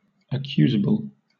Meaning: Liable to be accused or censured; chargeable with a crime or breach; blamable
- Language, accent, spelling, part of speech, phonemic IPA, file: English, Southern England, accusable, adjective, /əˈkjuːzəbl/, LL-Q1860 (eng)-accusable.wav